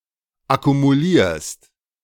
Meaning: second-person singular present of akkumulieren
- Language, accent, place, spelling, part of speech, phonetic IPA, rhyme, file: German, Germany, Berlin, akkumulierst, verb, [akumuˈliːɐ̯st], -iːɐ̯st, De-akkumulierst.ogg